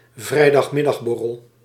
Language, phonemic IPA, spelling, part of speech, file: Dutch, /vrɛidɑxˈmɪdɑɣbɔrəl/, vrijdagmiddagborrel, noun, Nl-vrijdagmiddagborrel.ogg
- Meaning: synonym of vrijmibo